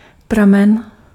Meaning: 1. spring (where water emerges from the ground) 2. source 3. strand, ply, wisp
- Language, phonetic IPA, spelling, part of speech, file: Czech, [ˈpramɛn], pramen, noun, Cs-pramen.ogg